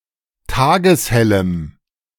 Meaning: strong dative masculine/neuter singular of tageshell
- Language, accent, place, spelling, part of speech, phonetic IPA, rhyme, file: German, Germany, Berlin, tageshellem, adjective, [ˈtaːɡəsˈhɛləm], -ɛləm, De-tageshellem.ogg